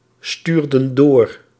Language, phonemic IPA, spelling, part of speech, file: Dutch, /ˈstyrdə(n) ˈdor/, stuurden door, verb, Nl-stuurden door.ogg
- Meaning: inflection of doorsturen: 1. plural past indicative 2. plural past subjunctive